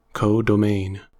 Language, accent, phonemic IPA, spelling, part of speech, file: English, US, /ˌkoʊ.doʊˈmeɪn/, codomain, noun, En-us-codomain.ogg
- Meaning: The target set into which a function is formally defined to map elements of its domain; the set denoted Y in the notation f : 1. X → Y 2. X → Y.: The set B